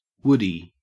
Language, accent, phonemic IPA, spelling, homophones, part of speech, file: English, Australia, /ˈwʊ.di/, woodie, woody, noun, En-au-woodie.ogg
- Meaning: An early station wagon or estate car whose rear bodywork is made of wood, often associated with Southern California surfing culture